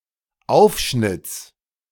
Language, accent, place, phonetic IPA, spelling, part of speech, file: German, Germany, Berlin, [ˈaʊ̯fʃnɪt͡s], Aufschnitts, noun, De-Aufschnitts.ogg
- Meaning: genitive singular of Aufschnitt